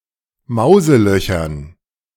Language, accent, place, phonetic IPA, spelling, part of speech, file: German, Germany, Berlin, [ˈmaʊ̯zəˌlœçɐn], Mauselöchern, noun, De-Mauselöchern.ogg
- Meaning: dative plural of Mauseloch